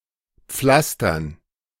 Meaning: dative plural of Pflaster
- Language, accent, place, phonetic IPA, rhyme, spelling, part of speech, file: German, Germany, Berlin, [ˈp͡flastɐn], -astɐn, Pflastern, noun, De-Pflastern.ogg